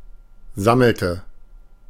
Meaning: inflection of sammeln: 1. first/third-person singular preterite 2. first/third-person singular subjunctive II
- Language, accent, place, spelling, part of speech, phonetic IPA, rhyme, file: German, Germany, Berlin, sammelte, verb, [ˈzaml̩tə], -aml̩tə, De-sammelte.ogg